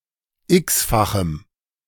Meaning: strong dative masculine/neuter singular of x-fach
- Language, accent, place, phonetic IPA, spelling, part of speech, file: German, Germany, Berlin, [ˈɪksfaxm̩], x-fachem, adjective, De-x-fachem.ogg